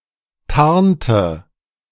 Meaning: inflection of tarnen: 1. first/third-person singular preterite 2. first/third-person singular subjunctive II
- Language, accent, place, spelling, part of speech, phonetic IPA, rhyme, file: German, Germany, Berlin, tarnte, verb, [ˈtaʁntə], -aʁntə, De-tarnte.ogg